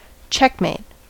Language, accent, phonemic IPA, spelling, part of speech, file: English, US, /ˈt͡ʃɛkmeɪt/, checkmate, interjection / noun / verb, En-us-checkmate.ogg
- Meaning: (interjection) 1. Word called out by the victor when making a move that wins the game 2. Said when one has placed a person in a losing situation with no escape